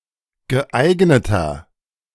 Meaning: 1. comparative degree of geeignet 2. inflection of geeignet: strong/mixed nominative masculine singular 3. inflection of geeignet: strong genitive/dative feminine singular
- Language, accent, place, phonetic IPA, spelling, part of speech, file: German, Germany, Berlin, [ɡəˈʔaɪ̯ɡnətɐ], geeigneter, adjective, De-geeigneter.ogg